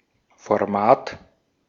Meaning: 1. stature 2. format
- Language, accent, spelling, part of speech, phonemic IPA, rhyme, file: German, Austria, Format, noun, /fɔʁˈmaːt/, -aːt, De-at-Format.ogg